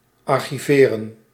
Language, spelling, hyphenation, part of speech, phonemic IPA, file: Dutch, archiveren, ar‧chi‧ve‧ren, verb, /ɑrxiˈveːrə(n)/, Nl-archiveren.ogg
- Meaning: to archive